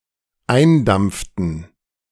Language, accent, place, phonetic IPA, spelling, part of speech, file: German, Germany, Berlin, [ˈaɪ̯nˌdamp͡ftn̩], eindampften, verb, De-eindampften.ogg
- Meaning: inflection of eindampfen: 1. first/third-person plural dependent preterite 2. first/third-person plural dependent subjunctive II